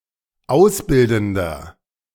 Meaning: inflection of ausbildend: 1. strong/mixed nominative masculine singular 2. strong genitive/dative feminine singular 3. strong genitive plural
- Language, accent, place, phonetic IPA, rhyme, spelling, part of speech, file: German, Germany, Berlin, [ˈaʊ̯sˌbɪldn̩dɐ], -aʊ̯sbɪldn̩dɐ, ausbildender, adjective, De-ausbildender.ogg